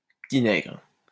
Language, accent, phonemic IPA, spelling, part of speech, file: French, France, /pə.ti.nɛɡʁ/, petit-nègre, noun / adjective, LL-Q150 (fra)-petit-nègre.wav
- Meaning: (noun) alternative spelling of petit nègre